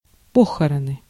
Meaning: burial, funeral
- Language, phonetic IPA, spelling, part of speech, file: Russian, [ˈpoxərənɨ], похороны, noun, Ru-похороны.ogg